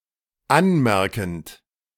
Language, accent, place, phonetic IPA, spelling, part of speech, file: German, Germany, Berlin, [ˈanˌmɛʁkn̩t], anmerkend, verb, De-anmerkend.ogg
- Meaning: present participle of anmerken